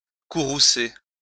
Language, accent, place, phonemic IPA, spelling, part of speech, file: French, France, Lyon, /ku.ʁu.se/, courroucer, verb, LL-Q150 (fra)-courroucer.wav
- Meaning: to enrage; to infuriate